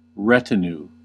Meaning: 1. A group of attendants or servants, especially of someone considered important 2. A group of warriors or nobles accompanying a king or other leader; comitatus 3. A service relationship
- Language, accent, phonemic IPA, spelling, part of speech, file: English, US, /ˈɹɛ.tɪ.n(j)uː/, retinue, noun, En-us-retinue.ogg